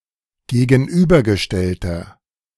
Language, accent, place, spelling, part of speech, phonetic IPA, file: German, Germany, Berlin, gegenübergestellter, adjective, [ɡeːɡn̩ˈʔyːbɐɡəˌʃtɛltɐ], De-gegenübergestellter.ogg
- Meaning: inflection of gegenübergestellt: 1. strong/mixed nominative masculine singular 2. strong genitive/dative feminine singular 3. strong genitive plural